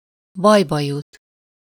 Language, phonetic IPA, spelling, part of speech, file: Hungarian, [ˈbɒjbɒjut], bajba jut, verb, Hu-bajba jut.ogg
- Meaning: to get into trouble (to fall into difficulty)